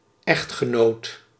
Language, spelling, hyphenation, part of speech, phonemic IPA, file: Dutch, echtgenoot, echt‧ge‧noot, noun, /ˈɛ(xt)xəˌnoːt/, Nl-echtgenoot.ogg
- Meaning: 1. husband (male partner in a marriage) 2. spouse